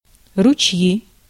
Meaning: nominative/accusative plural of руче́й (ručéj)
- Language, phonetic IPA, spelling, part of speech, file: Russian, [rʊˈt͡ɕji], ручьи, noun, Ru-ручьи.ogg